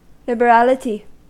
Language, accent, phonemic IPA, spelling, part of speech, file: English, US, /ˌlɪbəˈɹælɪti/, liberality, noun, En-us-liberality.ogg
- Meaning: 1. The property of being liberal; generosity; charity 2. A gift; a gratuity 3. Candor 4. Impartiality